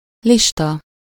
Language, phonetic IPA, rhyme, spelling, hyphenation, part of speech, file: Hungarian, [ˈliʃtɒ], -tɒ, lista, lis‧ta, noun, Hu-lista.ogg
- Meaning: list